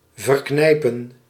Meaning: 1. to destroy by pinching 2. to strenuously suppress feelings
- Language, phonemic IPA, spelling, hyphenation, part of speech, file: Dutch, /ˌvərˈknɛi̯.pə(n)/, verknijpen, ver‧knij‧pen, verb, Nl-verknijpen.ogg